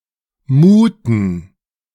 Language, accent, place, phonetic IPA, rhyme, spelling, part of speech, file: German, Germany, Berlin, [ˈmuːtn̩], -uːtn̩, muhten, verb, De-muhten.ogg
- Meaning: inflection of muhen: 1. first/third-person plural preterite 2. first/third-person plural subjunctive II